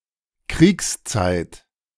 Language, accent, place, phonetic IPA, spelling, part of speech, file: German, Germany, Berlin, [ˈkʁiːksˌt͡saɪ̯t], Kriegszeit, noun, De-Kriegszeit.ogg
- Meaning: wartime